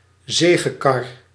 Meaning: triumphal car
- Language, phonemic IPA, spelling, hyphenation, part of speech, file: Dutch, /ˈzeː.ɣəˌkɑr/, zegekar, ze‧ge‧kar, noun, Nl-zegekar.ogg